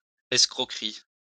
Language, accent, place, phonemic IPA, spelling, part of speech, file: French, France, Lyon, /ɛs.kʁɔ.kʁi/, escroquerie, noun, LL-Q150 (fra)-escroquerie.wav
- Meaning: 1. swindle, swindling 2. fraud 3. racket (dishonest way of making money)